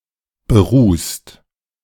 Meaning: 1. past participle of berußen 2. inflection of berußen: second-person plural present 3. inflection of berußen: third-person singular present 4. inflection of berußen: plural imperative
- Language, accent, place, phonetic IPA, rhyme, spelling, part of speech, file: German, Germany, Berlin, [bəˈʁuːst], -uːst, berußt, verb, De-berußt.ogg